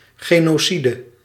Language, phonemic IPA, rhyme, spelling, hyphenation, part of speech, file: Dutch, /ˌɣeː.noːˈsi.də/, -idə, genocide, ge‧no‧ci‧de, noun, Nl-genocide.ogg
- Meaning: genocide